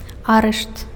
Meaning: arrest (act of arresting a criminal, suspect, etc.)
- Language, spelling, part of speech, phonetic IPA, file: Belarusian, арышт, noun, [ˈarɨʂt], Be-арышт.ogg